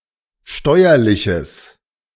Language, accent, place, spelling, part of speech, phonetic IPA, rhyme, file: German, Germany, Berlin, steuerliches, adjective, [ˈʃtɔɪ̯ɐlɪçəs], -ɔɪ̯ɐlɪçəs, De-steuerliches.ogg
- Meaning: strong/mixed nominative/accusative neuter singular of steuerlich